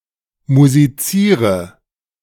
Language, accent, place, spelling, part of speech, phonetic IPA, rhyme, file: German, Germany, Berlin, musiziere, verb, [muziˈt͡siːʁə], -iːʁə, De-musiziere.ogg
- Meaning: inflection of musizieren: 1. first-person singular present 2. first/third-person singular subjunctive I 3. singular imperative